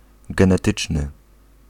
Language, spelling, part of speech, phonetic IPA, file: Polish, genetyczny, adjective, [ˌɡɛ̃nɛˈtɨt͡ʃnɨ], Pl-genetyczny.ogg